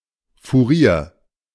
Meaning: 1. quartermaster 2. quartermaster sergeant (class of rank)
- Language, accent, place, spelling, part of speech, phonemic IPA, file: German, Germany, Berlin, Fourier, noun, /fuˈʁiːɐ̯/, De-Fourier.ogg